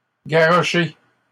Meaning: masculine plural of garroché
- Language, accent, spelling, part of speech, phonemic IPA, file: French, Canada, garrochés, verb, /ɡa.ʁɔ.ʃe/, LL-Q150 (fra)-garrochés.wav